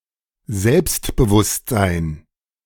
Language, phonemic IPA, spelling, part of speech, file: German, /ˈzɛlpstbəˌvʊstzaɪ̯n/, Selbstbewusstsein, noun, De-Selbstbewusstsein.oga
- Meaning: 1. aplomb, self-assurance, self-confidence 2. self-awareness